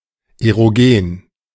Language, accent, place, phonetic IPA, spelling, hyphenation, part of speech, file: German, Germany, Berlin, [eʁoˈɡeːn], erogen, ero‧gen, adjective, De-erogen.ogg
- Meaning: erogenous